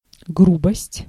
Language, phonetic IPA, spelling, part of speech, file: Russian, [ˈɡrubəsʲtʲ], грубость, noun, Ru-грубость.ogg
- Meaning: 1. roughness, coarseness, crudity, crudeness 2. rudeness, rude manner, rough manner 3. rude words